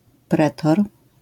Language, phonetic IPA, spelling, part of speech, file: Polish, [ˈprɛtɔr], pretor, noun, LL-Q809 (pol)-pretor.wav